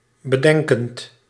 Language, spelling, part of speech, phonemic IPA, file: Dutch, bedenkend, verb, /bəˈdɛŋkənt/, Nl-bedenkend.ogg
- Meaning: present participle of bedenken